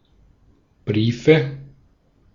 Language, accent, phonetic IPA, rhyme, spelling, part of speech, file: German, Austria, [ˈbʁiːfə], -iːfə, Briefe, noun, De-at-Briefe.ogg
- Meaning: nominative/accusative/genitive plural of Brief "letters"